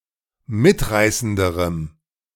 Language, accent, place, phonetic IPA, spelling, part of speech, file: German, Germany, Berlin, [ˈmɪtˌʁaɪ̯səndəʁəm], mitreißenderem, adjective, De-mitreißenderem.ogg
- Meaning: strong dative masculine/neuter singular comparative degree of mitreißend